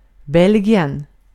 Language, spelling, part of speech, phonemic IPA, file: Swedish, Belgien, proper noun, /ˈbɛlɡɪɛn/, Sv-Belgien.ogg
- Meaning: Belgium (a country in Western Europe that has borders with the Netherlands, Germany, Luxembourg and France)